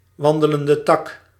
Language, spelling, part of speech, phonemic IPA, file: Dutch, wandelende tak, noun, /ˌwɑndələndəˈtɑk/, Nl-wandelende tak.ogg
- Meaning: stick insect